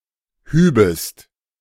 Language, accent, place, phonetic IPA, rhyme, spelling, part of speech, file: German, Germany, Berlin, [ˈhyːbəst], -yːbəst, hübest, verb, De-hübest.ogg
- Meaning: second-person singular subjunctive II of heben